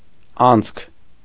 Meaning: 1. hole, opening, slot 2. passage, pass, passageway 3. incident, event, occurrence
- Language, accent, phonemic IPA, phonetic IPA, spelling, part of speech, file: Armenian, Eastern Armenian, /ɑnt͡sʰkʰ/, [ɑnt͡sʰkʰ], անցք, noun, Hy-անցք.ogg